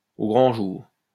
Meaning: in broad daylight, in the open
- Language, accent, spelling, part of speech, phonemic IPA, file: French, France, au grand jour, adverb, /o ɡʁɑ̃ ʒuʁ/, LL-Q150 (fra)-au grand jour.wav